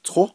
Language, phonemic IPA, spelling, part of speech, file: Navajo, /tʰó/, tó, noun, Nv-tó.ogg
- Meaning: water, liquid, fluid